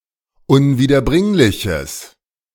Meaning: strong/mixed nominative/accusative neuter singular of unwiederbringlich
- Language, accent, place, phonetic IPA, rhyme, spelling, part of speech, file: German, Germany, Berlin, [ʊnviːdɐˈbʁɪŋlɪçəs], -ɪŋlɪçəs, unwiederbringliches, adjective, De-unwiederbringliches.ogg